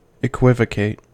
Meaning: 1. To speak using double meaning; to speak ambiguously, unclearly or doubtfully, with intent to deceive; to vacillate in one's answers, responding with equivoques 2. To render equivocal or ambiguous
- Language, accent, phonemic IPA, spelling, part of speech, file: English, US, /ɪˈkwɪvəˌkeɪt/, equivocate, verb, En-us-equivocate.ogg